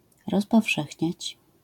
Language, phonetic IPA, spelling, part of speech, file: Polish, [ˌrɔspɔfˈʃɛxʲɲät͡ɕ], rozpowszechniać, verb, LL-Q809 (pol)-rozpowszechniać.wav